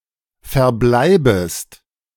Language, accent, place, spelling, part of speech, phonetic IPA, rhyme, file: German, Germany, Berlin, verbleibest, verb, [fɛɐ̯ˈblaɪ̯bəst], -aɪ̯bəst, De-verbleibest.ogg
- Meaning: second-person singular subjunctive I of verbleiben